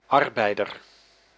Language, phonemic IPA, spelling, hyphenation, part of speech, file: Dutch, /ˈɑr.bɛi̯.dər/, arbeider, ar‧bei‧der, noun, Nl-arbeider.ogg
- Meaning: worker, labourer